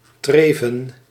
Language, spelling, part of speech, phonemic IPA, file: Dutch, treven, noun, /ˈtrevə(n)/, Nl-treven.ogg
- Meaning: plural of treef